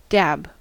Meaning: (verb) 1. To press lightly in a repetitive motion with a soft object without rubbing 2. To apply a substance in this way 3. To strike by a thrust; to hit with a sudden blow or thrust
- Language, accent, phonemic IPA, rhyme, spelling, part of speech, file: English, US, /dæb/, -æb, dab, verb / noun / adverb / adjective, En-us-dab.ogg